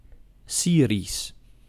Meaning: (adjective) Syrian (Of, from, or pertaining to Syria, the Syrian people or the Syriac language); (proper noun) the Syriac language (variant of Aramaic)
- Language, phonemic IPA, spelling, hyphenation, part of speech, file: Dutch, /ˈsiː.ris/, Syrisch, Sy‧risch, adjective / proper noun, Nl-Syrisch.ogg